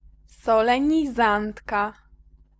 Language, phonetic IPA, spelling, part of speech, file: Polish, [ˌsɔlɛ̃ɲiˈzãntka], solenizantka, noun, Pl-solenizantka.ogg